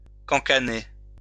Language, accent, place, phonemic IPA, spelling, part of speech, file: French, France, Lyon, /kɑ̃.ka.ne/, cancaner, verb, LL-Q150 (fra)-cancaner.wav
- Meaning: 1. to gossip 2. to quack